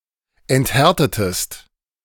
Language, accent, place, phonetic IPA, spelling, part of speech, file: German, Germany, Berlin, [ɛntˈhɛʁtətəst], enthärtetest, verb, De-enthärtetest.ogg
- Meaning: inflection of enthärten: 1. second-person singular preterite 2. second-person singular subjunctive II